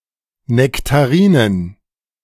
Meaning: plural of Nektarine "nectarines"
- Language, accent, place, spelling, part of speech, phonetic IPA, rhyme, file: German, Germany, Berlin, Nektarinen, noun, [nɛktaˈʁiːnən], -iːnən, De-Nektarinen.ogg